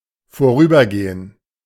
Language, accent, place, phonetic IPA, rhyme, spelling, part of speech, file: German, Germany, Berlin, [foˈʁyːbɐˌɡeːən], -yːbɐɡeːən, vorübergehen, verb, De-vorübergehen.ogg
- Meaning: to pass by, to pass over, to pass